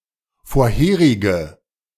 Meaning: inflection of vorherig: 1. strong/mixed nominative/accusative feminine singular 2. strong nominative/accusative plural 3. weak nominative all-gender singular
- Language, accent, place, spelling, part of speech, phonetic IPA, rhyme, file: German, Germany, Berlin, vorherige, adjective, [foːɐ̯ˈheːʁɪɡə], -eːʁɪɡə, De-vorherige.ogg